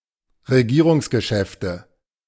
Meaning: government business
- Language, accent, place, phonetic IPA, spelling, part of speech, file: German, Germany, Berlin, [ʁeˈɡiːʁʊŋsɡəˌʃɛftə], Regierungsgeschäfte, noun, De-Regierungsgeschäfte.ogg